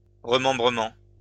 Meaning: consolidation (of land)
- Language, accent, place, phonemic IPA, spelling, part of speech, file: French, France, Lyon, /ʁə.mɑ̃.bʁə.mɑ̃/, remembrement, noun, LL-Q150 (fra)-remembrement.wav